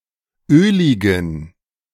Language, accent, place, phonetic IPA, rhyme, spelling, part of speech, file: German, Germany, Berlin, [ˈøːlɪɡn̩], -øːlɪɡn̩, öligen, adjective, De-öligen.ogg
- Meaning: inflection of ölig: 1. strong genitive masculine/neuter singular 2. weak/mixed genitive/dative all-gender singular 3. strong/weak/mixed accusative masculine singular 4. strong dative plural